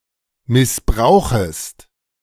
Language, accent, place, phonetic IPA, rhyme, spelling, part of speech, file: German, Germany, Berlin, [mɪsˈbʁaʊ̯xəst], -aʊ̯xəst, missbrauchest, verb, De-missbrauchest.ogg
- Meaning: second-person singular subjunctive I of missbrauchen